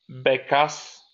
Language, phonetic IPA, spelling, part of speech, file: Polish, [ˈbɛkas], bekas, noun, LL-Q809 (pol)-bekas.wav